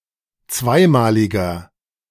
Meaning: inflection of zweimalig: 1. strong/mixed nominative masculine singular 2. strong genitive/dative feminine singular 3. strong genitive plural
- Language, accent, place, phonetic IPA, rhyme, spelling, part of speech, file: German, Germany, Berlin, [ˈt͡svaɪ̯maːlɪɡɐ], -aɪ̯maːlɪɡɐ, zweimaliger, adjective, De-zweimaliger.ogg